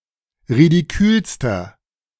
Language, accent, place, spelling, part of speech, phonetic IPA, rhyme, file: German, Germany, Berlin, ridikülster, adjective, [ʁidiˈkyːlstɐ], -yːlstɐ, De-ridikülster.ogg
- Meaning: inflection of ridikül: 1. strong/mixed nominative masculine singular superlative degree 2. strong genitive/dative feminine singular superlative degree 3. strong genitive plural superlative degree